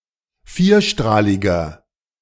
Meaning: inflection of vierstrahlig: 1. strong/mixed nominative masculine singular 2. strong genitive/dative feminine singular 3. strong genitive plural
- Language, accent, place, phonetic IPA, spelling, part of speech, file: German, Germany, Berlin, [ˈfiːɐ̯ˌʃtʁaːlɪɡɐ], vierstrahliger, adjective, De-vierstrahliger.ogg